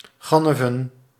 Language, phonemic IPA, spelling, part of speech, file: Dutch, /ˈɣɑnəvə(n)/, ganneven, verb / noun, Nl-ganneven.ogg
- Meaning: plural of gannef